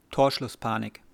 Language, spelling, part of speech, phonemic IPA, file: German, Torschlusspanik, noun, /toːɐ̯ʃlʊsˈpaːnɪk/, De-Torschlusspanik.ogg
- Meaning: eleventh hour panic (the fear that time to act is running out)